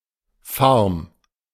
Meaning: 1. farm (see usage notes) 2. a farm that specialises in a particular agricultural product 3. obsolete form of Farn 4. barque, small boat
- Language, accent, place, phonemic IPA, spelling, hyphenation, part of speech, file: German, Germany, Berlin, /farm/, Farm, Farm, noun, De-Farm.ogg